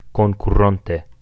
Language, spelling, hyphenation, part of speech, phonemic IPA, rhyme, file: Esperanto, konkuronte, kon‧ku‧ron‧te, adverb, /kon.kuˈron.te/, -onte, Eo-konkuronte.ogg
- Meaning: future adverbial active participle of konkuri